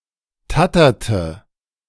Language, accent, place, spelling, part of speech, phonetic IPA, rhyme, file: German, Germany, Berlin, tatterte, verb, [ˈtatɐtə], -atɐtə, De-tatterte.ogg
- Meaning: inflection of tattern: 1. first/third-person singular preterite 2. first/third-person singular subjunctive II